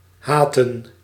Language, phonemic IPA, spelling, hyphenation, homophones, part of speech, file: Dutch, /ˈɦaːtə(n)/, haten, ha‧ten, haatte, verb, Nl-haten.ogg
- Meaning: to hate